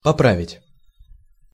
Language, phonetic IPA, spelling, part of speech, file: Russian, [pɐˈpravʲɪtʲ], поправить, verb, Ru-поправить.ogg
- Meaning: 1. to correct, to improve, to repair 2. to adjust, to put/set right